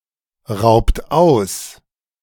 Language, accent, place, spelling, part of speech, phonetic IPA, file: German, Germany, Berlin, raubt aus, verb, [ˌʁaʊ̯pt ˈaʊ̯s], De-raubt aus.ogg
- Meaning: inflection of ausrauben: 1. second-person plural present 2. third-person singular present 3. plural imperative